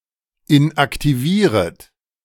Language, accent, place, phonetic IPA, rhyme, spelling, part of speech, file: German, Germany, Berlin, [ɪnʔaktiˈviːʁət], -iːʁət, inaktivieret, verb, De-inaktivieret.ogg
- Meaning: second-person plural subjunctive I of inaktivieren